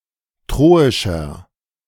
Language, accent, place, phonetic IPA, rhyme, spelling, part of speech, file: German, Germany, Berlin, [ˈtʁoːɪʃɐ], -oːɪʃɐ, troischer, adjective, De-troischer.ogg
- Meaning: inflection of troisch: 1. strong/mixed nominative masculine singular 2. strong genitive/dative feminine singular 3. strong genitive plural